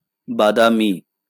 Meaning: 1. almond-colored 2. brownish 3. brown
- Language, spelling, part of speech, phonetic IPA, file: Bengali, বাদামী, adjective, [ˈba.da.mi], LL-Q9610 (ben)-বাদামী.wav